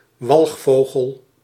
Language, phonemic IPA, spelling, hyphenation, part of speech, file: Dutch, /ˈʋɑlxˌfoː.ɣəl/, walgvogel, walg‧vo‧gel, noun, Nl-walgvogel.ogg
- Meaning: synonym of dodo